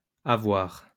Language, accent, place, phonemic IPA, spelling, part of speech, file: French, France, Lyon, /a.vwaʁ/, avoirs, noun, LL-Q150 (fra)-avoirs.wav
- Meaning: plural of avoir